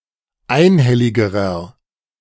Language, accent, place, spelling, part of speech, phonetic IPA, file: German, Germany, Berlin, einhelligerer, adjective, [ˈaɪ̯nˌhɛlɪɡəʁɐ], De-einhelligerer.ogg
- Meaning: inflection of einhellig: 1. strong/mixed nominative masculine singular comparative degree 2. strong genitive/dative feminine singular comparative degree 3. strong genitive plural comparative degree